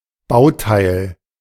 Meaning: component, part, unit, element
- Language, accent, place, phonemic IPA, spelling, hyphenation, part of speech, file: German, Germany, Berlin, /ˈbaʊ̯ˌtaɪ̯l/, Bauteil, Bau‧teil, noun, De-Bauteil.ogg